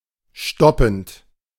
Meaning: present participle of stoppen
- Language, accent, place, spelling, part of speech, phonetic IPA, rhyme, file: German, Germany, Berlin, stoppend, verb, [ˈʃtɔpn̩t], -ɔpn̩t, De-stoppend.ogg